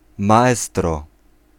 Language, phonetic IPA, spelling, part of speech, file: Polish, [maˈɛstrɔ], maestro, noun, Pl-maestro.ogg